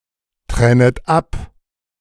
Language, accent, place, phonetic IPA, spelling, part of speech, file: German, Germany, Berlin, [ˌtʁɛnət ˈap], trennet ab, verb, De-trennet ab.ogg
- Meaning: second-person plural subjunctive I of abtrennen